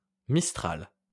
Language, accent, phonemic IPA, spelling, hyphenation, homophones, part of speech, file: French, France, /mis.tʁal/, mistral, mis‧tral, mistrals, noun, LL-Q150 (fra)-mistral.wav
- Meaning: mistral